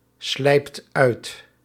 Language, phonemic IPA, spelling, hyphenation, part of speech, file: Dutch, /ˌslɛi̯pt ˈœy̯t/, slijpt uit, slijpt uit, verb, Nl-slijpt uit.ogg
- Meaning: inflection of uitslijpen: 1. second/third-person singular present indicative 2. plural imperative